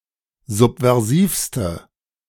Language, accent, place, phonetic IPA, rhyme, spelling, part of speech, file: German, Germany, Berlin, [ˌzupvɛʁˈziːfstə], -iːfstə, subversivste, adjective, De-subversivste.ogg
- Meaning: inflection of subversiv: 1. strong/mixed nominative/accusative feminine singular superlative degree 2. strong nominative/accusative plural superlative degree